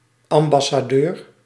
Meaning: ambassador
- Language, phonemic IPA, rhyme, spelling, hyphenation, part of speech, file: Dutch, /ˌɑm.bɑ.saːˈdøːr/, -øːr, ambassadeur, am‧bas‧sa‧deur, noun, Nl-ambassadeur.ogg